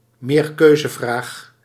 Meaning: multiple-choice question
- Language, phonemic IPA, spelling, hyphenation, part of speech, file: Dutch, /meːrˈkøː.zəˌvraːx/, meerkeuzevraag, meer‧keu‧ze‧vraag, noun, Nl-meerkeuzevraag.ogg